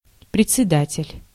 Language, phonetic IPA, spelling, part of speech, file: Russian, [prʲɪt͡sʲsʲɪˈdatʲɪlʲ], председатель, noun, Ru-председатель.ogg
- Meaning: chairman, president